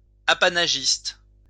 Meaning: grantee of an apanage
- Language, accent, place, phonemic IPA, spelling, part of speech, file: French, France, Lyon, /a.pa.na.ʒist/, apanagiste, noun, LL-Q150 (fra)-apanagiste.wav